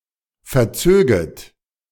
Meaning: second-person plural subjunctive II of verziehen
- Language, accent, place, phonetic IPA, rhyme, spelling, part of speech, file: German, Germany, Berlin, [fɛɐ̯ˈt͡søːɡət], -øːɡət, verzöget, verb, De-verzöget.ogg